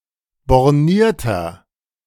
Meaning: 1. comparative degree of borniert 2. inflection of borniert: strong/mixed nominative masculine singular 3. inflection of borniert: strong genitive/dative feminine singular
- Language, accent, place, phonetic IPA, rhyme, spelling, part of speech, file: German, Germany, Berlin, [bɔʁˈniːɐ̯tɐ], -iːɐ̯tɐ, bornierter, adjective, De-bornierter.ogg